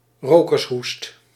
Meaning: the cough of a habitual smoker
- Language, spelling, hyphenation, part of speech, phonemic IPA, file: Dutch, rokershoest, ro‧kers‧hoest, noun, /ˈroː.kərsˌɦust/, Nl-rokershoest.ogg